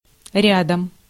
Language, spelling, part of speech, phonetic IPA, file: Russian, рядом, adverb / noun, [ˈrʲadəm], Ru-рядом.ogg
- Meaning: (adverb) 1. alongside, beside, side by side, nearby 2. alongside, side by side 3. near, beside, next to 4. heel (command for a dog); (noun) instrumental singular of ряд (rjad)